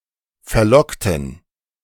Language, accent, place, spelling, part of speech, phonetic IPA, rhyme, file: German, Germany, Berlin, verlockten, adjective / verb, [fɛɐ̯ˈlɔktn̩], -ɔktn̩, De-verlockten.ogg
- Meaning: inflection of verlocken: 1. first/third-person plural preterite 2. first/third-person plural subjunctive II